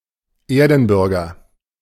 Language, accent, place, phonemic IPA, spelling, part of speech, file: German, Germany, Berlin, /ˈeːɐ̯dn̩ˌbʏʁɡɐ/, Erdenbürger, noun, De-Erdenbürger.ogg
- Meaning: earthling, earth dweller